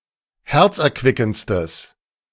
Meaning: strong/mixed nominative/accusative neuter singular superlative degree of herzerquickend
- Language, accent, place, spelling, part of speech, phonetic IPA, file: German, Germany, Berlin, herzerquickendstes, adjective, [ˈhɛʁt͡sʔɛɐ̯ˌkvɪkn̩t͡stəs], De-herzerquickendstes.ogg